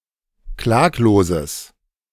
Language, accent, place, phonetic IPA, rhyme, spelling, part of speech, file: German, Germany, Berlin, [ˈklaːkloːzəs], -aːkloːzəs, klagloses, adjective, De-klagloses.ogg
- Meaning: strong/mixed nominative/accusative neuter singular of klaglos